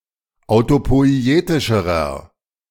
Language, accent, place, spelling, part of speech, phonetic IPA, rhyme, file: German, Germany, Berlin, autopoietischerer, adjective, [aʊ̯topɔɪ̯ˈeːtɪʃəʁɐ], -eːtɪʃəʁɐ, De-autopoietischerer.ogg
- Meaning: inflection of autopoietisch: 1. strong/mixed nominative masculine singular comparative degree 2. strong genitive/dative feminine singular comparative degree